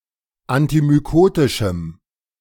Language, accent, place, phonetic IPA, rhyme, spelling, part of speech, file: German, Germany, Berlin, [antimyˈkoːtɪʃm̩], -oːtɪʃm̩, antimykotischem, adjective, De-antimykotischem.ogg
- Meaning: strong dative masculine/neuter singular of antimykotisch